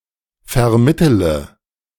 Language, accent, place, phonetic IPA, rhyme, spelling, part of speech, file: German, Germany, Berlin, [fɛɐ̯ˈmɪtələ], -ɪtələ, vermittele, verb, De-vermittele.ogg
- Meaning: inflection of vermitteln: 1. first-person singular present 2. first/third-person singular subjunctive I 3. singular imperative